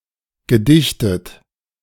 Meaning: past participle of dichten
- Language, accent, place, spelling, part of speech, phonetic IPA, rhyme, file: German, Germany, Berlin, gedichtet, verb, [ɡəˈdɪçtət], -ɪçtət, De-gedichtet.ogg